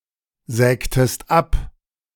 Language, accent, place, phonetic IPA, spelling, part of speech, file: German, Germany, Berlin, [ˌzɛːktəst ˈap], sägtest ab, verb, De-sägtest ab.ogg
- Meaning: inflection of absägen: 1. second-person singular preterite 2. second-person singular subjunctive II